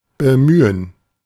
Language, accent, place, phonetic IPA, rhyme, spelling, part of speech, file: German, Germany, Berlin, [bəˈmyːən], -yːən, Bemühen, noun, De-Bemühen.ogg
- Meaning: gerund of bemühen: 1. effort 2. attempt, endeavor